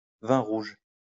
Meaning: red wine
- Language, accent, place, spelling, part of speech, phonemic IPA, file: French, France, Lyon, vin rouge, noun, /vɛ̃ ʁuʒ/, LL-Q150 (fra)-vin rouge.wav